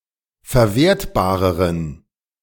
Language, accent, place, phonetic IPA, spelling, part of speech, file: German, Germany, Berlin, [fɛɐ̯ˈveːɐ̯tbaːʁəʁən], verwertbareren, adjective, De-verwertbareren.ogg
- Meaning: inflection of verwertbar: 1. strong genitive masculine/neuter singular comparative degree 2. weak/mixed genitive/dative all-gender singular comparative degree